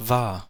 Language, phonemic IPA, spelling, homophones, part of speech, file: German, /vaːɐ̯/, war, wahr, verb, De-war.ogg
- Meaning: 1. first-person singular preterite of sein: was 2. third-person singular preterite of sein: was